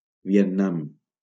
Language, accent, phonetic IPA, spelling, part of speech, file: Catalan, Valencia, [vi.enˈnam], Vietnam, proper noun, LL-Q7026 (cat)-Vietnam.wav
- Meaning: Vietnam (a country in Southeast Asia)